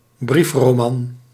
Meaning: an epistolary novel
- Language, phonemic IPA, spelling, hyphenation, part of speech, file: Dutch, /ˈbrif.roːˌmɑn/, briefroman, brief‧ro‧man, noun, Nl-briefroman.ogg